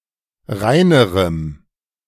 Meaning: strong dative masculine/neuter singular comparative degree of rein
- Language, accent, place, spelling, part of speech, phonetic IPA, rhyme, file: German, Germany, Berlin, reinerem, adjective, [ˈʁaɪ̯nəʁəm], -aɪ̯nəʁəm, De-reinerem.ogg